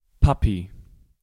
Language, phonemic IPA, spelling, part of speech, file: German, /ˈpapi/, Papi, noun, De-Papi.ogg
- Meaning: daddy